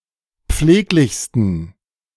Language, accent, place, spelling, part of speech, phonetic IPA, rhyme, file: German, Germany, Berlin, pfleglichsten, adjective, [ˈp͡fleːklɪçstn̩], -eːklɪçstn̩, De-pfleglichsten.ogg
- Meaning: 1. superlative degree of pfleglich 2. inflection of pfleglich: strong genitive masculine/neuter singular superlative degree